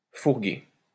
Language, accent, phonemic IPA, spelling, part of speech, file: French, France, /fuʁ.ɡe/, fourguer, verb, LL-Q150 (fra)-fourguer.wav
- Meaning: 1. to sell off; to flog 2. to get rid of, offload (something)